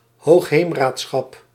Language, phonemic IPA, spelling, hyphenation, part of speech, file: Dutch, /ɦoːxˈɦeːm.raːtˌsxɑp/, hoogheemraadschap, hoog‧heem‧raad‧schap, noun, Nl-hoogheemraadschap.ogg
- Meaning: water board, level of government structure for water management (only used for a few water boards in Holland and Utrecht)